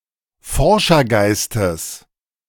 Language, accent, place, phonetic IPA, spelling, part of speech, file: German, Germany, Berlin, [ˈfɔʁʃɐˌɡaɪ̯stəs], Forschergeistes, noun, De-Forschergeistes.ogg
- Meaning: genitive singular of Forschergeist